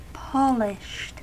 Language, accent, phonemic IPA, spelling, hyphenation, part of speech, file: English, US, /ˈpɑlɪʃt/, polished, pol‧ished, adjective / verb, En-us-polished.ogg
- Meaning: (adjective) 1. Made smooth or shiny by polishing 2. Refined, elegant; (verb) simple past and past participle of polish